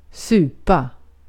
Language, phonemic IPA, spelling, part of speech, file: Swedish, /ˈsʉːpa/, supa, verb / noun, Sv-supa.ogg
- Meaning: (verb) 1. to drink hard liquor (to get drunk and often excessively); to drink, to booze 2. to consume food in liquid form, such as soup; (noun) soup or similar food